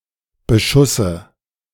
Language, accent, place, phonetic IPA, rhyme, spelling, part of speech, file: German, Germany, Berlin, [bəˈʃʊsə], -ʊsə, Beschusse, noun, De-Beschusse.ogg
- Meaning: dative of Beschuss